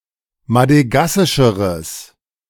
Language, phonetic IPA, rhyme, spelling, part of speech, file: German, [madəˈɡasɪʃəʁəs], -asɪʃəʁəs, madegassischeres, adjective, De-madegassischeres.ogg